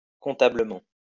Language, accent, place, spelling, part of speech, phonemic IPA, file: French, France, Lyon, comptablement, adverb, /kɔ̃.ta.blə.mɑ̃/, LL-Q150 (fra)-comptablement.wav
- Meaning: accountably, responsibly